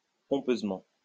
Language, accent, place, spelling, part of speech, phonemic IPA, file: French, France, Lyon, pompeusement, adverb, /pɔ̃.pøz.mɑ̃/, LL-Q150 (fra)-pompeusement.wav
- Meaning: pompously